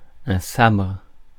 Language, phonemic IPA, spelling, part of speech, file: French, /sabʁ/, sabre, noun, Fr-sabre.ogg
- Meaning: 1. a single-edged sword 2. the force, arms 3. cutlassfish